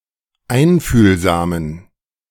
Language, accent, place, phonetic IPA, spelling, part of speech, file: German, Germany, Berlin, [ˈaɪ̯nfyːlzaːmən], einfühlsamen, adjective, De-einfühlsamen.ogg
- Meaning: inflection of einfühlsam: 1. strong genitive masculine/neuter singular 2. weak/mixed genitive/dative all-gender singular 3. strong/weak/mixed accusative masculine singular 4. strong dative plural